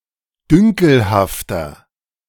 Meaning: 1. comparative degree of dünkelhaft 2. inflection of dünkelhaft: strong/mixed nominative masculine singular 3. inflection of dünkelhaft: strong genitive/dative feminine singular
- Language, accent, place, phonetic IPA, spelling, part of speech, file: German, Germany, Berlin, [ˈdʏŋkl̩haftɐ], dünkelhafter, adjective, De-dünkelhafter.ogg